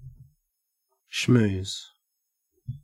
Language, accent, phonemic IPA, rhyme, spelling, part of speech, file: English, Australia, /ʃmuːz/, -uːz, schmooze, verb / noun, En-au-schmooze.ogg
- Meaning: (verb) To talk casually, especially in order to gain an advantage or make a social connection